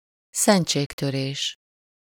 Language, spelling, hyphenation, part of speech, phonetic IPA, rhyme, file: Hungarian, szentségtörés, szent‧ség‧tö‧rés, noun, [ˈsɛnt͡ʃeːktøreːʃ], -eːʃ, Hu-szentségtörés.ogg
- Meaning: sacrilege